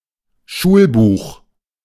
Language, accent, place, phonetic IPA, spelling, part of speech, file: German, Germany, Berlin, [ˈʃuːlˌbuːx], Schulbuch, noun, De-Schulbuch.ogg
- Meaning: textbook